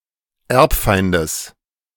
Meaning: genitive of Erbfeind
- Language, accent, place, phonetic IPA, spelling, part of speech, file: German, Germany, Berlin, [ˈɛʁpˌfaɪ̯ndəs], Erbfeindes, noun, De-Erbfeindes.ogg